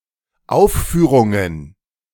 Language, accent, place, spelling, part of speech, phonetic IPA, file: German, Germany, Berlin, Aufführungen, noun, [ˈaʊ̯ffyːʁʊŋən], De-Aufführungen.ogg
- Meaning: plural of Aufführung